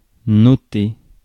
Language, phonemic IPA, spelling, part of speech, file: French, /nɔ.te/, noter, verb, Fr-noter.ogg
- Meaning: 1. to note 2. to notice (become aware) 3. to grade (an exam, an assignment, etc.) 4. to denote